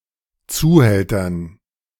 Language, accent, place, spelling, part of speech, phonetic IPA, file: German, Germany, Berlin, Zuhältern, noun, [ˈt͡suːˌhɛltɐn], De-Zuhältern.ogg
- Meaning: dative plural of Zuhälter